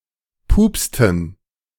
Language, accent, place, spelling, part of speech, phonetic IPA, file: German, Germany, Berlin, pupsten, verb, [ˈpuːpstn̩], De-pupsten.ogg
- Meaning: inflection of pupsen: 1. first/third-person plural preterite 2. first/third-person plural subjunctive II